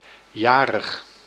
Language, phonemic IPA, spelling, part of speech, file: Dutch, /ˈjaːrəx/, jarig, adjective, Nl-jarig.ogg
- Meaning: having one's birthday